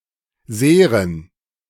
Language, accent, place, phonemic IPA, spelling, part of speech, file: German, Germany, Berlin, /ˈzeːʁən/, Seren, noun, De-Seren.ogg
- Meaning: plural of Serum